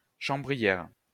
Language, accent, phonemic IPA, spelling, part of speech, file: French, France, /ʃɑ̃.bʁi.jɛʁ/, chambrière, noun, LL-Q150 (fra)-chambrière.wav
- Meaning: chambermaid